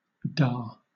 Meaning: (noun) 1. Father 2. Yes; an affirmative response; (interjection) Yes
- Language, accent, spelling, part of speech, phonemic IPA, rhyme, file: English, Southern England, da, noun / interjection, /dɑː/, -ɑː, LL-Q1860 (eng)-da.wav